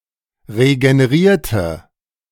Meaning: inflection of regenerieren: 1. first/third-person singular preterite 2. first/third-person singular subjunctive II
- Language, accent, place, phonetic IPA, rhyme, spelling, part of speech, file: German, Germany, Berlin, [ʁeɡəneˈʁiːɐ̯tə], -iːɐ̯tə, regenerierte, adjective / verb, De-regenerierte.ogg